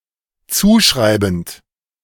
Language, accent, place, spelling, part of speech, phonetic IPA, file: German, Germany, Berlin, zuschreibend, verb, [ˈt͡suːˌʃʁaɪ̯bn̩t], De-zuschreibend.ogg
- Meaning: present participle of zuschreiben